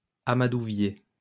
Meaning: tinder fungus, hoof fungus
- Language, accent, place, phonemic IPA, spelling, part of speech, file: French, France, Lyon, /a.ma.du.vje/, amadouvier, noun, LL-Q150 (fra)-amadouvier.wav